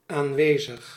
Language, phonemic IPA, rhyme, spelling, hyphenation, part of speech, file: Dutch, /ˌaːnˈʋeː.zəx/, -eːzəx, aanwezig, aan‧we‧zig, adjective, Nl-aanwezig.ogg
- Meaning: present (not absent)